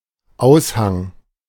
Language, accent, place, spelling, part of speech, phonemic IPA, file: German, Germany, Berlin, Aushang, noun, /ˈaʊ̯sˌhaŋ/, De-Aushang.ogg
- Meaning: bulletin